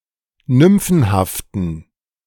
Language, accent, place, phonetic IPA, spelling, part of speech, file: German, Germany, Berlin, [ˈnʏmfn̩haftn̩], nymphenhaften, adjective, De-nymphenhaften.ogg
- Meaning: inflection of nymphenhaft: 1. strong genitive masculine/neuter singular 2. weak/mixed genitive/dative all-gender singular 3. strong/weak/mixed accusative masculine singular 4. strong dative plural